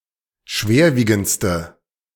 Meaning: inflection of schwerwiegend: 1. strong/mixed nominative/accusative feminine singular superlative degree 2. strong nominative/accusative plural superlative degree
- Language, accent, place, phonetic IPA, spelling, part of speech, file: German, Germany, Berlin, [ˈʃveːɐ̯ˌviːɡn̩t͡stə], schwerwiegendste, adjective, De-schwerwiegendste.ogg